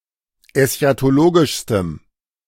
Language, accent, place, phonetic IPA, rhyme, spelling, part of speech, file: German, Germany, Berlin, [ɛsçatoˈloːɡɪʃstəm], -oːɡɪʃstəm, eschatologischstem, adjective, De-eschatologischstem.ogg
- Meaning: strong dative masculine/neuter singular superlative degree of eschatologisch